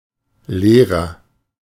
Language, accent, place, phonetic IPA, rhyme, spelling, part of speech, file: German, Germany, Berlin, [ˈleːʁɐ], -eːʁɐ, leerer, adjective, De-leerer.ogg
- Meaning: inflection of leer: 1. strong/mixed nominative masculine singular 2. strong genitive/dative feminine singular 3. strong genitive plural